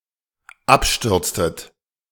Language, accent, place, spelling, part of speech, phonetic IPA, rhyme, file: German, Germany, Berlin, abstürztet, verb, [ˈapˌʃtʏʁt͡stət], -apʃtʏʁt͡stət, De-abstürztet.ogg
- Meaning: inflection of abstürzen: 1. second-person plural dependent preterite 2. second-person plural dependent subjunctive II